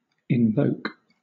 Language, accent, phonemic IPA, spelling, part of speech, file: English, Southern England, /ɪnˈvəʊk/, invoke, verb, LL-Q1860 (eng)-invoke.wav
- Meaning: 1. To call upon (a person, a god) for help, assistance or guidance 2. To solicit, petition for, appeal to a favorable attitude 3. To call another ship 4. To call to mind (something) for some purpose